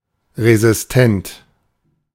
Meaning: resistant
- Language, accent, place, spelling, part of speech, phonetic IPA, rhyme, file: German, Germany, Berlin, resistent, adjective, [ʁezɪsˈtɛnt], -ɛnt, De-resistent.ogg